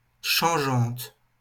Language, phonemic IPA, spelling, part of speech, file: French, /ʃɑ̃.ʒɑ̃t/, changeante, adjective, LL-Q150 (fra)-changeante.wav
- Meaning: feminine singular of changeant